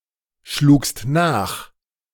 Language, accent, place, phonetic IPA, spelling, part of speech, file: German, Germany, Berlin, [ˌʃluːkst ˈnaːx], schlugst nach, verb, De-schlugst nach.ogg
- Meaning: second-person singular preterite of nachschlagen